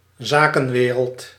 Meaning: the business world
- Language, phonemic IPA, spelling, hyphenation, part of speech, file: Dutch, /ˈzaː.kə(n)ˌʋeː.rəlt/, zakenwereld, za‧ken‧we‧reld, noun, Nl-zakenwereld.ogg